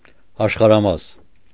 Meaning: continent, part of world
- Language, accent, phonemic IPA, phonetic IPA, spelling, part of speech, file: Armenian, Eastern Armenian, /ɑʃχɑɾɑˈmɑs/, [ɑʃχɑɾɑmɑ́s], աշխարհամաս, noun, Hy-աշխարհամաս.ogg